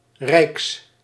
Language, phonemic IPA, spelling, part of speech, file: Dutch, /rɛiks/, rijks, noun / adjective, Nl-rijks.ogg
- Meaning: partitive of rijk